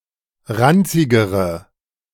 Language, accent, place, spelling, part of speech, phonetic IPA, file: German, Germany, Berlin, ranzigere, adjective, [ˈʁant͡sɪɡəʁə], De-ranzigere.ogg
- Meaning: inflection of ranzig: 1. strong/mixed nominative/accusative feminine singular comparative degree 2. strong nominative/accusative plural comparative degree